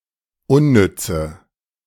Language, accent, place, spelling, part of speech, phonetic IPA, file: German, Germany, Berlin, unnütze, adjective, [ˈʊnˌnʏt͡sə], De-unnütze.ogg
- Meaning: inflection of unnütz: 1. strong/mixed nominative/accusative feminine singular 2. strong nominative/accusative plural 3. weak nominative all-gender singular 4. weak accusative feminine/neuter singular